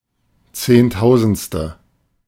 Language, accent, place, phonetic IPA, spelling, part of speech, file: German, Germany, Berlin, [ˈt͡seːnˌtaʊ̯zn̩t͡stə], zehntausendste, numeral, De-zehntausendste.ogg
- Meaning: ten-thousandth